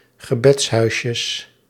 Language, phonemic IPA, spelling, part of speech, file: Dutch, /ɣəˈbɛtshœyʃəs/, gebedshuisjes, noun, Nl-gebedshuisjes.ogg
- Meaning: plural of gebedshuisje